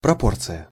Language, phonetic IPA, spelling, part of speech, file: Russian, [prɐˈport͡sɨjə], пропорция, noun, Ru-пропорция.ogg
- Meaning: proportion